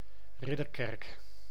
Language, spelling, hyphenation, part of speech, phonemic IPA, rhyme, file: Dutch, Ridderkerk, Rid‧der‧kerk, proper noun, /ˈrɪ.dərˌkɛrk/, -ɛrk, Nl-Ridderkerk.ogg
- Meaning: a town and municipality of South Holland, Netherlands